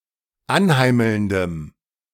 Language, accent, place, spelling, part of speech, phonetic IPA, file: German, Germany, Berlin, anheimelndem, adjective, [ˈanˌhaɪ̯ml̩ndəm], De-anheimelndem.ogg
- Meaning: strong dative masculine/neuter singular of anheimelnd